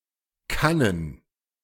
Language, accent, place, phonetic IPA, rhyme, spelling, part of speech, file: German, Germany, Berlin, [ˈkanən], -anən, Kannen, noun, De-Kannen.ogg
- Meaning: plural of Kanne